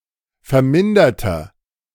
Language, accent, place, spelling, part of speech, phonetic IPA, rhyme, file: German, Germany, Berlin, verminderter, adjective, [fɛɐ̯ˈmɪndɐtɐ], -ɪndɐtɐ, De-verminderter.ogg
- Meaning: inflection of vermindert: 1. strong/mixed nominative masculine singular 2. strong genitive/dative feminine singular 3. strong genitive plural